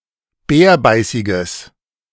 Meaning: strong/mixed nominative/accusative neuter singular of bärbeißig
- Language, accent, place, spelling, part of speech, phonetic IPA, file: German, Germany, Berlin, bärbeißiges, adjective, [ˈbɛːɐ̯ˌbaɪ̯sɪɡəs], De-bärbeißiges.ogg